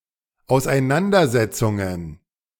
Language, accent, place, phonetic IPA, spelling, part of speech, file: German, Germany, Berlin, [aʊ̯sʔaɪ̯ˈnandɐˌzɛt͡sʊŋən], Auseinandersetzungen, noun, De-Auseinandersetzungen.ogg
- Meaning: plural of Auseinandersetzung